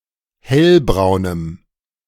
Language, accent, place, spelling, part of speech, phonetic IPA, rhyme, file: German, Germany, Berlin, hellbraunem, adjective, [ˈhɛlbʁaʊ̯nəm], -ɛlbʁaʊ̯nəm, De-hellbraunem.ogg
- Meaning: strong dative masculine/neuter singular of hellbraun